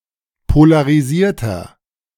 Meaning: inflection of polarisiert: 1. strong/mixed nominative masculine singular 2. strong genitive/dative feminine singular 3. strong genitive plural
- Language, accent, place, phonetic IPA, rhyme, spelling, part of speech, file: German, Germany, Berlin, [polaʁiˈziːɐ̯tɐ], -iːɐ̯tɐ, polarisierter, adjective, De-polarisierter.ogg